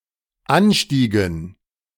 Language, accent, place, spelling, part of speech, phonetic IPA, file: German, Germany, Berlin, anstiegen, verb, [ˈanˌʃtiːɡn̩], De-anstiegen.ogg
- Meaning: inflection of ansteigen: 1. first/third-person plural dependent preterite 2. first/third-person plural dependent subjunctive II